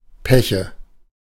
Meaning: nominative/accusative/genitive plural of Pech
- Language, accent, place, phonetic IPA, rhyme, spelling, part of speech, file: German, Germany, Berlin, [ˈpɛçə], -ɛçə, Peche, noun, De-Peche.ogg